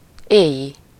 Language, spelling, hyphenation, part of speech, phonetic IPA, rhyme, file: Hungarian, éji, éji, adjective, [ˈeːji], -ji, Hu-éji.ogg
- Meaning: night, of the night; nightly, nocturnal